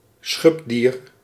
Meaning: a pangolin, a mammal of the family Manidae
- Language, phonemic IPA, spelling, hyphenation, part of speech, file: Dutch, /ˈsxʏp.diːr/, schubdier, schub‧dier, noun, Nl-schubdier.ogg